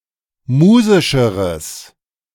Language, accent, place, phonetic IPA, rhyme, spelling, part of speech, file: German, Germany, Berlin, [ˈmuːzɪʃəʁəs], -uːzɪʃəʁəs, musischeres, adjective, De-musischeres.ogg
- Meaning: strong/mixed nominative/accusative neuter singular comparative degree of musisch